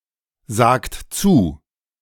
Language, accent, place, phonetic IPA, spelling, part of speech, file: German, Germany, Berlin, [ˌzaːkt ˈt͡suː], sagt zu, verb, De-sagt zu.ogg
- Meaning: inflection of zusagen: 1. second-person plural present 2. third-person singular present 3. plural imperative